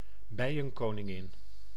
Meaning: 1. a queen bee (fertile female of social insects) 2. a queen bee (dominant woman in a business)
- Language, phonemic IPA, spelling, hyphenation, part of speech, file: Dutch, /ˈbɛi̯.ə(n).koː.nɪˌŋɪn/, bijenkoningin, bij‧en‧ko‧nin‧gin, noun, Nl-bijenkoningin.ogg